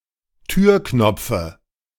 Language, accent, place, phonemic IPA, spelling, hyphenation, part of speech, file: German, Germany, Berlin, /ˈtyːɐ̯ˌknɔp͡fə/, Türknopfe, Tür‧knop‧fe, noun, De-Türknopfe.ogg
- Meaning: dative singular of Türknopf